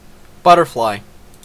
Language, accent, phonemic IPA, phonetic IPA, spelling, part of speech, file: English, Canada, /ˈbʌ.tə(ɹ).flaɪ/, [ˈbʌ.ɾɚ.flaɪ], butterfly, noun / verb, En-ca-butterfly.ogg
- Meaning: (noun) A flying insect of the order Lepidoptera, distinguished from moths by their diurnal activity and generally brighter colouring